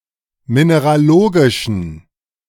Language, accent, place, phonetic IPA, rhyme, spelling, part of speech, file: German, Germany, Berlin, [ˌmineʁaˈloːɡɪʃn̩], -oːɡɪʃn̩, mineralogischen, adjective, De-mineralogischen.ogg
- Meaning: inflection of mineralogisch: 1. strong genitive masculine/neuter singular 2. weak/mixed genitive/dative all-gender singular 3. strong/weak/mixed accusative masculine singular 4. strong dative plural